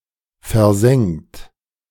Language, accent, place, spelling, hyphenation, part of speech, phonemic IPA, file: German, Germany, Berlin, versengt, ver‧sengt, verb, /fɛɐ̯ˈzɛŋt/, De-versengt.ogg
- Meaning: 1. past participle of versengen 2. inflection of versengen: third-person singular present 3. inflection of versengen: second-person plural present 4. inflection of versengen: plural imperative